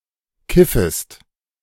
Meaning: second-person singular subjunctive I of kiffen
- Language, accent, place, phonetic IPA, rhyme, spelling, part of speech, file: German, Germany, Berlin, [ˈkɪfəst], -ɪfəst, kiffest, verb, De-kiffest.ogg